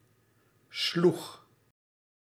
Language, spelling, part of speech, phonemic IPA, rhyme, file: Dutch, sloeg, verb, /ˈslux/, -ux, Nl-sloeg.ogg
- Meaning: singular past indicative of slaan